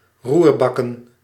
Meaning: to stir-fry
- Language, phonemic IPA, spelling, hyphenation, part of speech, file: Dutch, /ˈrurˌbɑ.kə(n)/, roerbakken, roer‧bak‧ken, verb, Nl-roerbakken.ogg